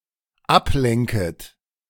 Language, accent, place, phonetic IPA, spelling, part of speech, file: German, Germany, Berlin, [ˈapˌlɛŋkət], ablenket, verb, De-ablenket.ogg
- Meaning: second-person plural dependent subjunctive I of ablenken